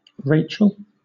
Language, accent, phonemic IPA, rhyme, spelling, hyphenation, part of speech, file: English, Southern England, /ˈɹeɪ.tʃəl/, -eɪtʃəl, Rachel, Ra‧chel, proper noun / noun, LL-Q1860 (eng)-Rachel.wav
- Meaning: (proper noun) 1. Younger daughter of Laban, sister to Leah, and second wife of Jacob 2. A female given name from Hebrew